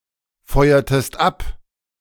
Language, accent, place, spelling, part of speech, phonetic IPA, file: German, Germany, Berlin, feuertest ab, verb, [ˌfɔɪ̯ɐtəst ˈap], De-feuertest ab.ogg
- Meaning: inflection of abfeuern: 1. second-person singular preterite 2. second-person singular subjunctive II